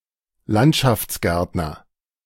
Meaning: landscaper, landscape gardener, (male or of unspecified gender) (one that does landscaping)
- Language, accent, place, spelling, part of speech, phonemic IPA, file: German, Germany, Berlin, Landschaftsgärtner, noun, /ˈlantʃaftsˌɡɛʁtnɐ/, De-Landschaftsgärtner.ogg